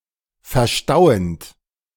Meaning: present participle of verstauen
- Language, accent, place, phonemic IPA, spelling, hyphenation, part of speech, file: German, Germany, Berlin, /fɛɐ̯ˈʃtaʊ̯ənt/, verstauend, ver‧stau‧end, verb, De-verstauend.ogg